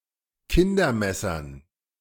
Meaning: dative plural of Kindermesser
- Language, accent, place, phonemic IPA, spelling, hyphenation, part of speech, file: German, Germany, Berlin, /ˈkɪndɐ̩ˌmɛsɐn/, Kindermessern, Kin‧der‧mes‧sern, noun, De-Kindermessern.ogg